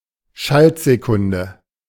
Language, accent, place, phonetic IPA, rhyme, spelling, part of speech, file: German, Germany, Berlin, [ˈʃaltzeˌkʊndə], -altzekʊndə, Schaltsekunde, noun, De-Schaltsekunde.ogg
- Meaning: leap second